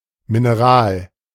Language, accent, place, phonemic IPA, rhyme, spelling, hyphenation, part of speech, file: German, Germany, Berlin, /ˌmɪnəˈʁaːl/, -aːl, Mineral, Mi‧ne‧ral, noun, De-Mineral.ogg
- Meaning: 1. mineral 2. clipping of Mineralwasser